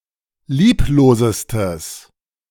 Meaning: strong/mixed nominative/accusative neuter singular superlative degree of lieblos
- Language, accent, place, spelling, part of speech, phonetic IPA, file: German, Germany, Berlin, lieblosestes, adjective, [ˈliːploːzəstəs], De-lieblosestes.ogg